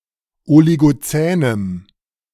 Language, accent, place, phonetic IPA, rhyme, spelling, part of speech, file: German, Germany, Berlin, [oliɡoˈt͡sɛːnəm], -ɛːnəm, oligozänem, adjective, De-oligozänem.ogg
- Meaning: strong dative masculine/neuter singular of oligozän